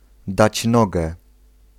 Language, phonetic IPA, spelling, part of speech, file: Polish, [ˈdat͡ɕ ˈnɔɡɛ], dać nogę, phrase, Pl-dać nogę.ogg